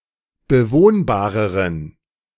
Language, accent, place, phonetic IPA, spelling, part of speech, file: German, Germany, Berlin, [bəˈvoːnbaːʁəʁən], bewohnbareren, adjective, De-bewohnbareren.ogg
- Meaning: inflection of bewohnbar: 1. strong genitive masculine/neuter singular comparative degree 2. weak/mixed genitive/dative all-gender singular comparative degree